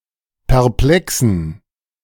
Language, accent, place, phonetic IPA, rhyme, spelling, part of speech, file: German, Germany, Berlin, [pɛʁˈplɛksn̩], -ɛksn̩, perplexen, adjective, De-perplexen.ogg
- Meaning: inflection of perplex: 1. strong genitive masculine/neuter singular 2. weak/mixed genitive/dative all-gender singular 3. strong/weak/mixed accusative masculine singular 4. strong dative plural